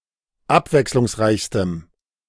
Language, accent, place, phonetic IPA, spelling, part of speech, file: German, Germany, Berlin, [ˈapvɛkslʊŋsˌʁaɪ̯çstəm], abwechslungsreichstem, adjective, De-abwechslungsreichstem.ogg
- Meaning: strong dative masculine/neuter singular superlative degree of abwechslungsreich